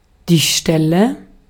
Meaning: location, spot (specific location in space, relevant in context but typically otherwise unmarked)
- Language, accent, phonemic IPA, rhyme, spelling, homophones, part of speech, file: German, Austria, /ˈʃtɛlə/, -ɛlə, Stelle, Ställe, noun, De-at-Stelle.ogg